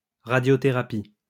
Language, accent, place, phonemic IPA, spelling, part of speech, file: French, France, Lyon, /ʁa.djɔ.te.ʁa.pi/, radiothérapie, noun, LL-Q150 (fra)-radiothérapie.wav
- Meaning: radiotherapy